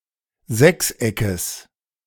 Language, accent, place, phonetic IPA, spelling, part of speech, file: German, Germany, Berlin, [ˈzɛksˌʔɛkəs], Sechseckes, noun, De-Sechseckes.ogg
- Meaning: genitive singular of Sechseck